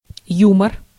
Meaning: humour (something funny)
- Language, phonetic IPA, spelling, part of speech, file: Russian, [ˈjumər], юмор, noun, Ru-юмор.ogg